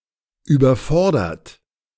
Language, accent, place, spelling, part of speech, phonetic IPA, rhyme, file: German, Germany, Berlin, überfordertet, verb, [yːbɐˈfɔʁdɐtət], -ɔʁdɐtət, De-überfordertet.ogg
- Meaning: inflection of überfordern: 1. second-person plural preterite 2. second-person plural subjunctive II